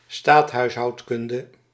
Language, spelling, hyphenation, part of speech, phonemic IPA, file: Dutch, staathuishoudkunde, staat‧huis‧houd‧kunde, noun, /ˈstaːt.ɦœy̯s.ɦɑu̯tˌkʏn.də/, Nl-staathuishoudkunde.ogg
- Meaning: political economy